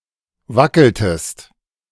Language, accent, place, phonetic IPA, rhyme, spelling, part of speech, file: German, Germany, Berlin, [ˈvakl̩təst], -akl̩təst, wackeltest, verb, De-wackeltest.ogg
- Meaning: inflection of wackeln: 1. second-person singular preterite 2. second-person singular subjunctive II